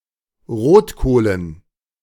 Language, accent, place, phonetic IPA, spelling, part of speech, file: German, Germany, Berlin, [ˈʁoːtˌkoːlən], Rotkohlen, noun, De-Rotkohlen.ogg
- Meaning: dative plural of Rotkohl